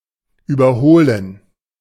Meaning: 1. to overtake; to pass (e.g. a vehicle, a runner) 2. to excel; to become more or better than 3. to overhaul (to check, repair and/or modernize, e.g. a machine) 4. to recondition, to refit
- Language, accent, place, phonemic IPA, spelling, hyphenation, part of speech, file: German, Germany, Berlin, /yːbɐˈhoːlən/, überholen, über‧ho‧len, verb, De-überholen.ogg